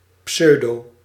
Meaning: pseudo-
- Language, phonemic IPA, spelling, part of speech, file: Dutch, /ˈpsœy̯.doː/, pseudo-, noun, Nl-pseudo-.ogg